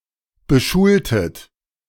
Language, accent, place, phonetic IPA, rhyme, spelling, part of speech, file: German, Germany, Berlin, [bəˈʃuːltət], -uːltət, beschultet, verb, De-beschultet.ogg
- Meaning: inflection of beschulen: 1. second-person plural preterite 2. second-person plural subjunctive II